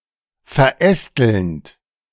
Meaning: present participle of verästeln
- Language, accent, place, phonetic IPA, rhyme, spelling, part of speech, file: German, Germany, Berlin, [fɛɐ̯ˈʔɛstl̩nt], -ɛstl̩nt, verästelnd, verb, De-verästelnd.ogg